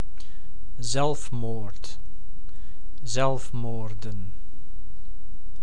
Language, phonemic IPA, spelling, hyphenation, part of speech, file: Dutch, /ˈzɛlf.moːrt/, zelfmoord, zelf‧moord, noun, Nl-zelfmoord.ogg
- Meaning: 1. suicide 2. self-destruction, self-destructive behaviour